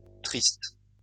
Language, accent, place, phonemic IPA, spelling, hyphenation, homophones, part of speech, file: French, France, Lyon, /tʁist/, tristes, tristes, triste, adjective, LL-Q150 (fra)-tristes.wav
- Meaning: plural of triste